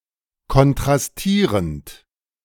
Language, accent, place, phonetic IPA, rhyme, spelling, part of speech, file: German, Germany, Berlin, [kɔntʁasˈtiːʁənt], -iːʁənt, kontrastierend, verb, De-kontrastierend.ogg
- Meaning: present participle of kontrastieren